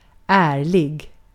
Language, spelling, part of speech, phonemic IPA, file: Swedish, ärlig, adjective, /²æːɭɪ(ɡ)/, Sv-ärlig.ogg
- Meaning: 1. honest; scrupulous 2. honest; true